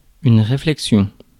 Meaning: 1. reflection (in mirror) 2. thought, thinking 3. discussion, remark
- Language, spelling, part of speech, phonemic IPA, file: French, réflexion, noun, /ʁe.flɛk.sjɔ̃/, Fr-réflexion.ogg